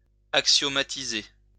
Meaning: to axiomatize
- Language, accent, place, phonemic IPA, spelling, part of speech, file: French, France, Lyon, /ak.sjɔ.ma.ti.ze/, axiomatiser, verb, LL-Q150 (fra)-axiomatiser.wav